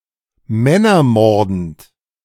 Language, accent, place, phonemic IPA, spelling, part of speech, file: German, Germany, Berlin, /ˈmɛnɐˌmɔʁdn̩t/, männermordend, adjective, De-männermordend.ogg
- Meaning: man-killer, seductress